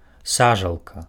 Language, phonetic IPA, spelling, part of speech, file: Belarusian, [ˈsaʐaɫka], сажалка, noun, Be-сажалка.ogg
- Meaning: 1. pond 2. fish pond